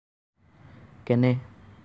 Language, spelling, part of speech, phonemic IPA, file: Assamese, কেনে, adverb, /kɛ.nɛ/, As-কেনে.ogg
- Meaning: how